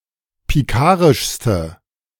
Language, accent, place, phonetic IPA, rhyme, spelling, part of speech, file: German, Germany, Berlin, [piˈkaːʁɪʃstə], -aːʁɪʃstə, pikarischste, adjective, De-pikarischste.ogg
- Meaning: inflection of pikarisch: 1. strong/mixed nominative/accusative feminine singular superlative degree 2. strong nominative/accusative plural superlative degree